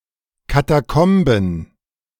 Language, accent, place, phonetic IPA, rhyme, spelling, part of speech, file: German, Germany, Berlin, [kataˈkɔmbn̩], -ɔmbn̩, Katakomben, noun, De-Katakomben.ogg
- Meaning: plural of Katakombe